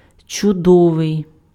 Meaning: wonderful, marvellous, excellent, great
- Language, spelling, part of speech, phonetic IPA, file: Ukrainian, чудовий, adjective, [t͡ʃʊˈdɔʋei̯], Uk-чудовий.ogg